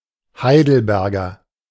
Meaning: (noun) A native or inhabitant of Heidelberg; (adjective) of Heidelberg
- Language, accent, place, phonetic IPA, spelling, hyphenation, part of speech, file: German, Germany, Berlin, [ˈhaɪ̯dl̩ˌbɛʁɡɐ], Heidelberger, Hei‧del‧ber‧ger, noun / adjective, De-Heidelberger.ogg